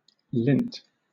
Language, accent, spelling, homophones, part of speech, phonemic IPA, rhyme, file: English, Southern England, lint, lent / Lent, noun, /lɪnt/, -ɪnt, LL-Q1860 (eng)-lint.wav
- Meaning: 1. Clinging fuzzy fluff that clings to fabric or accumulates in one's pockets or navel etc 2. A fine material made by scraping cotton or linen cloth; used for dressing wounds